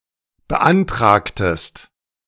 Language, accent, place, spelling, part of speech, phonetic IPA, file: German, Germany, Berlin, beantragtest, verb, [bəˈʔantʁaːktəst], De-beantragtest.ogg
- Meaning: inflection of beantragen: 1. second-person singular preterite 2. second-person singular subjunctive II